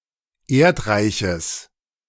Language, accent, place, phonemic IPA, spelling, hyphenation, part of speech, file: German, Germany, Berlin, /ˈeːɐ̯tˌʁaɪ̯çəs/, Erdreiches, Erd‧rei‧ches, noun, De-Erdreiches.ogg
- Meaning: genitive singular of Erdreich